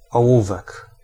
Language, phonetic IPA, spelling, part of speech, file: Polish, [ɔˈwuvɛk], ołówek, noun, Pl-ołówek.ogg